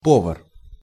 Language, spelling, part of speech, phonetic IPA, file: Russian, повар, noun, [ˈpovər], Ru-повар.ogg
- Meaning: cook, chef